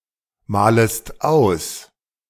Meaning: second-person singular subjunctive I of ausmalen
- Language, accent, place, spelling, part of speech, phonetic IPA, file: German, Germany, Berlin, malest aus, verb, [ˌmaːləst ˈaʊ̯s], De-malest aus.ogg